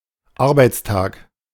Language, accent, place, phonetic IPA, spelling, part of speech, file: German, Germany, Berlin, [ˈaʁbaɪ̯t͡sˌtaːk], Arbeitstag, noun, De-Arbeitstag.ogg
- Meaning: workday, working day